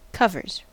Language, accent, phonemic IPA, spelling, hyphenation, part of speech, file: English, US, /ˈkʌvɚz/, covers, cov‧ers, noun / verb, En-us-covers.ogg
- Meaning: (noun) 1. plural of cover 2. The bedclothes; collectively, the sheets, blankets, etc 3. The area of the field near cover and extra cover